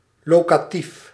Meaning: locative case
- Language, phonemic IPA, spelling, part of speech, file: Dutch, /lokatif/, locatief, noun, Nl-locatief.ogg